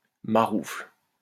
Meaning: rascal, rogue
- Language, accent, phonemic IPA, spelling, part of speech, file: French, France, /ma.ʁufl/, maroufle, noun, LL-Q150 (fra)-maroufle.wav